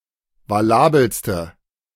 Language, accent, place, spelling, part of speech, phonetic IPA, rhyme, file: German, Germany, Berlin, valabelste, adjective, [vaˈlaːbl̩stə], -aːbl̩stə, De-valabelste.ogg
- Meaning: inflection of valabel: 1. strong/mixed nominative/accusative feminine singular superlative degree 2. strong nominative/accusative plural superlative degree